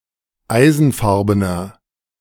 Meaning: inflection of eisenfarben: 1. strong/mixed nominative masculine singular 2. strong genitive/dative feminine singular 3. strong genitive plural
- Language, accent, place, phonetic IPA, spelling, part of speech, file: German, Germany, Berlin, [ˈaɪ̯zn̩ˌfaʁbənɐ], eisenfarbener, adjective, De-eisenfarbener.ogg